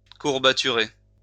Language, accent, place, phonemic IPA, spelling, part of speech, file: French, France, Lyon, /kuʁ.ba.ty.ʁe/, courbaturer, verb, LL-Q150 (fra)-courbaturer.wav
- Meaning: to cause to ache